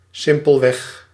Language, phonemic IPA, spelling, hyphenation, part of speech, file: Dutch, /ˈsɪm.pəlˌʋɛx/, simpelweg, sim‧pel‧weg, adverb, Nl-simpelweg.ogg
- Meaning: simply